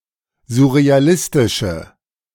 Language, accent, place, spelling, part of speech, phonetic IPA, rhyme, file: German, Germany, Berlin, surrealistische, adjective, [zʊʁeaˈlɪstɪʃə], -ɪstɪʃə, De-surrealistische.ogg
- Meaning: inflection of surrealistisch: 1. strong/mixed nominative/accusative feminine singular 2. strong nominative/accusative plural 3. weak nominative all-gender singular